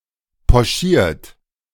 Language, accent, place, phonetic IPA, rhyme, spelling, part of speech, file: German, Germany, Berlin, [pɔˈʃiːɐ̯t], -iːɐ̯t, pochiert, adjective / verb, De-pochiert.ogg
- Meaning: 1. past participle of pochieren 2. inflection of pochieren: third-person singular present 3. inflection of pochieren: second-person plural present 4. inflection of pochieren: plural imperative